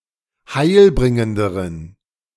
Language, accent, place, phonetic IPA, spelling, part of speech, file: German, Germany, Berlin, [ˈhaɪ̯lˌbʁɪŋəndəʁən], heilbringenderen, adjective, De-heilbringenderen.ogg
- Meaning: inflection of heilbringend: 1. strong genitive masculine/neuter singular comparative degree 2. weak/mixed genitive/dative all-gender singular comparative degree